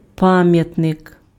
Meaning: monument, memorial
- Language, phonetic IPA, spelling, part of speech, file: Ukrainian, [ˈpamjɐtnek], пам'ятник, noun, Uk-пам'ятник.ogg